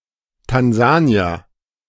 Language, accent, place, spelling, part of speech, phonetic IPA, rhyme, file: German, Germany, Berlin, Tansanier, noun, [tanˈzaːni̯ɐ], -aːni̯ɐ, De-Tansanier.ogg
- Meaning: Tanzanian